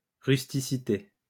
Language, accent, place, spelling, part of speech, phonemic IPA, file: French, France, Lyon, rusticité, noun, /ʁys.ti.si.te/, LL-Q150 (fra)-rusticité.wav
- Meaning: 1. crudeness, roughness, uncouthness 2. the ability to weather the elements